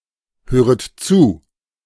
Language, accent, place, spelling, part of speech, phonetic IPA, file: German, Germany, Berlin, höret zu, verb, [ˌhøːʁət ˈt͡suː], De-höret zu.ogg
- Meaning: second-person plural subjunctive I of zuhören